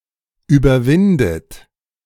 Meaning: inflection of überwinden: 1. third-person singular present 2. second-person plural present 3. second-person plural subjunctive I 4. plural imperative
- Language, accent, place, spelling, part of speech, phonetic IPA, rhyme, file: German, Germany, Berlin, überwindet, verb, [yːbɐˈvɪndət], -ɪndət, De-überwindet.ogg